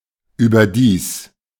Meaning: moreover
- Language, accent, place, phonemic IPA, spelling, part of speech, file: German, Germany, Berlin, /yːbɐˈdiːs/, überdies, adverb, De-überdies.ogg